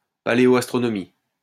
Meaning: paleoastronomy
- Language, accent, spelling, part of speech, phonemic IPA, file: French, France, paléoastronomie, noun, /pa.le.ɔ.as.tʁɔ.nɔ.mi/, LL-Q150 (fra)-paléoastronomie.wav